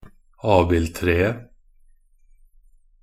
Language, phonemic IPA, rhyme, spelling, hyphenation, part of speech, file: Norwegian Bokmål, /ˈɑːbɪltreːə/, -eːə, abildtreet, ab‧ild‧tre‧et, noun, Nb-abildtreet.ogg
- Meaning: definite singular of abildtre